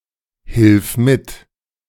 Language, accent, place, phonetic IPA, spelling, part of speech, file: German, Germany, Berlin, [hɪlf ˈmɪt], hilf mit, verb, De-hilf mit.ogg
- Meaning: singular imperative of mithelfen